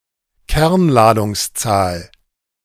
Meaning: atomic number
- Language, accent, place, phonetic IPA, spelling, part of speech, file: German, Germany, Berlin, [ˈkɛʁnlaːdʊŋsˌt͡saːl], Kernladungszahl, noun, De-Kernladungszahl.ogg